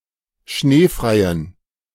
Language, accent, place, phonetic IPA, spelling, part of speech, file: German, Germany, Berlin, [ˈʃneːfʁaɪ̯ən], schneefreien, adjective, De-schneefreien.ogg
- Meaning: inflection of schneefrei: 1. strong genitive masculine/neuter singular 2. weak/mixed genitive/dative all-gender singular 3. strong/weak/mixed accusative masculine singular 4. strong dative plural